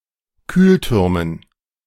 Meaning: dative plural of Kühlturm
- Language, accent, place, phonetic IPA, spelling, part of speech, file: German, Germany, Berlin, [ˈkyːlˌtʏʁmən], Kühltürmen, noun, De-Kühltürmen.ogg